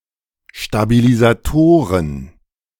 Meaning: plural of Stabilisator
- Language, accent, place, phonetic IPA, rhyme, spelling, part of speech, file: German, Germany, Berlin, [ʃtabilizaˈtoːʁən], -oːʁən, Stabilisatoren, noun, De-Stabilisatoren.ogg